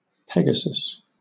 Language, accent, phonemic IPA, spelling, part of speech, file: English, Southern England, /ˈpɛɡ.ə.səs/, Pegasus, proper noun / noun, LL-Q1860 (eng)-Pegasus.wav